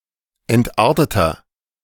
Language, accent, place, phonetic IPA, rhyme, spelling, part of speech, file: German, Germany, Berlin, [ˌɛntˈʔaʁtətɐ], -aʁtətɐ, entarteter, adjective, De-entarteter.ogg
- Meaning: 1. comparative degree of entartet 2. inflection of entartet: strong/mixed nominative masculine singular 3. inflection of entartet: strong genitive/dative feminine singular